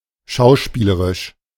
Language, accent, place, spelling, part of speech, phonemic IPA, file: German, Germany, Berlin, schauspielerisch, adjective, /ˈʃaʊ̯ˌʃpiːləʁɪʃ/, De-schauspielerisch.ogg
- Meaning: acting; histrionic